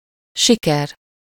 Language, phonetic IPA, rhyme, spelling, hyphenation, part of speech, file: Hungarian, [ˈʃikɛr], -ɛr, siker, si‧ker, noun, Hu-siker.ogg
- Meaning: success